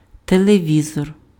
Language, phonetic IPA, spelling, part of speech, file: Ukrainian, [teɫeˈʋʲizɔr], телевізор, noun, Uk-телевізор.ogg
- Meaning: TV, TV set